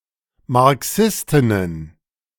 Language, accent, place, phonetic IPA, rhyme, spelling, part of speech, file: German, Germany, Berlin, [maʁˈksɪstɪnən], -ɪstɪnən, Marxistinnen, noun, De-Marxistinnen.ogg
- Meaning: plural of Marxistin